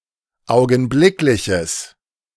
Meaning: strong/mixed nominative/accusative neuter singular of augenblicklich
- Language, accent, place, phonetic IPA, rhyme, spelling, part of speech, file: German, Germany, Berlin, [ˌaʊ̯ɡn̩ˈblɪklɪçəs], -ɪklɪçəs, augenblickliches, adjective, De-augenblickliches.ogg